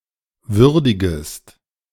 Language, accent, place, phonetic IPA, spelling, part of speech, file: German, Germany, Berlin, [ˈvʏʁdɪɡəst], würdigest, verb, De-würdigest.ogg
- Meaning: second-person singular subjunctive I of würdigen